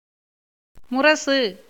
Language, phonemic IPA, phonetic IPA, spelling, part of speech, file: Tamil, /mʊɾɐtʃɯ/, [mʊɾɐsɯ], முரசு, noun, Ta-முரசு.ogg
- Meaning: 1. tabor, drum 2. a royal decree, proclamation (strictly accompanied by the drumming of the above mentioned percussion instrument) 3. gums (of the teeth)